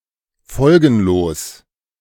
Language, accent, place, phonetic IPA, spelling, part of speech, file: German, Germany, Berlin, [ˈfɔlɡn̩loːs], folgenlos, adjective, De-folgenlos.ogg
- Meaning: ineffectual